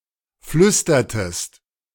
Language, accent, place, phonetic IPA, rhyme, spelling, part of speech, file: German, Germany, Berlin, [ˈflʏstɐtəst], -ʏstɐtəst, flüstertest, verb, De-flüstertest.ogg
- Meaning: inflection of flüstern: 1. second-person singular preterite 2. second-person singular subjunctive II